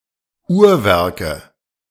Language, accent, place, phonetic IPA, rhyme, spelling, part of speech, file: German, Germany, Berlin, [ˈuːɐ̯ˌvɛʁkə], -uːɐ̯vɛʁkə, Uhrwerke, noun, De-Uhrwerke.ogg
- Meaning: nominative/accusative/genitive plural of Uhrwerk